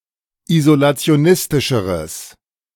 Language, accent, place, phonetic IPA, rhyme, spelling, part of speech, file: German, Germany, Berlin, [izolat͡si̯oˈnɪstɪʃəʁəs], -ɪstɪʃəʁəs, isolationistischeres, adjective, De-isolationistischeres.ogg
- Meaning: strong/mixed nominative/accusative neuter singular comparative degree of isolationistisch